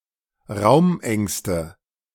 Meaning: nominative/accusative/genitive plural of Raumangst
- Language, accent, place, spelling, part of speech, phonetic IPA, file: German, Germany, Berlin, Raumängste, noun, [ˈʁaʊ̯mˌʔɛŋstə], De-Raumängste.ogg